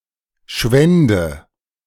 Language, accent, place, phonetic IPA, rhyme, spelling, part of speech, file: German, Germany, Berlin, [ˈʃvɛndə], -ɛndə, schwände, verb, De-schwände.ogg
- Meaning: first/third-person singular subjunctive II of schwinden